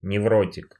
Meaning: neurotic
- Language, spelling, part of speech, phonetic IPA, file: Russian, невротик, noun, [nʲɪˈvrotʲɪk], Ru-невротик.ogg